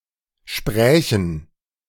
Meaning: first/third-person plural subjunctive II of sprechen
- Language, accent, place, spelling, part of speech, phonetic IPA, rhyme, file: German, Germany, Berlin, sprächen, verb, [ˈʃpʁɛːçn̩], -ɛːçn̩, De-sprächen.ogg